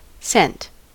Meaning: 1. A subunit of currency equal to one-hundredth of the main unit of currency in many countries. Symbol: ¢ 2. A small sum of money 3. A subunit of currency equal to one-hundredth of the euro
- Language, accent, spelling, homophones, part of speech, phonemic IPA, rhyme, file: English, US, cent, scent / sent, noun, /sɛnt/, -ɛnt, En-us-cent.ogg